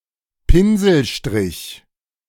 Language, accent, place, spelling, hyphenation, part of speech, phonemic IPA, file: German, Germany, Berlin, Pinselstrich, Pin‧sel‧strich, noun, /ˈpɪnzl̩ˌʃtʁɪç/, De-Pinselstrich.ogg
- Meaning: brushstroke